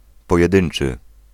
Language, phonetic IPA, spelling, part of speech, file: Polish, [ˌpɔjɛˈdɨ̃n͇t͡ʃɨ], pojedynczy, adjective, Pl-pojedynczy.ogg